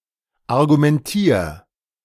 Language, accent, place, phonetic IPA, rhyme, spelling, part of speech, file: German, Germany, Berlin, [aʁɡumɛnˈtiːɐ̯], -iːɐ̯, argumentier, verb, De-argumentier.ogg
- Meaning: 1. singular imperative of argumentieren 2. first-person singular present of argumentieren